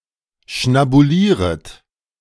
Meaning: second-person plural subjunctive I of schnabulieren
- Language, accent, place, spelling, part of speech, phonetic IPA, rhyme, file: German, Germany, Berlin, schnabulieret, verb, [ʃnabuˈliːʁət], -iːʁət, De-schnabulieret.ogg